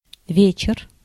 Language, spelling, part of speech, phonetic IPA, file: Russian, вечер, noun, [ˈvʲet͡ɕɪr], Ru-вечер.ogg
- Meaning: 1. evening (after 8 PM) 2. tonight, this evening 3. party, social gathering, soiree